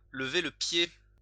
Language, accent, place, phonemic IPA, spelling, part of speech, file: French, France, Lyon, /lə.ve lə pje/, lever le pied, verb, LL-Q150 (fra)-lever le pied.wav
- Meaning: 1. to lift one's foot off the accelerator, to slow down a vehicle 2. to slow down, to reduce the pace (of an action, of a lifestyle, etc.)